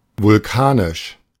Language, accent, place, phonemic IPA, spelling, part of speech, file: German, Germany, Berlin, /vʊlˈkaːnɪʃ/, vulkanisch, adjective, De-vulkanisch.ogg
- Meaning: volcanic